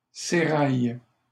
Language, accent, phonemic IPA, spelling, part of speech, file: French, Canada, /se.ʁaj/, sérail, noun, LL-Q150 (fra)-sérail.wav
- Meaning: 1. seraglio 2. innermost circle, entourage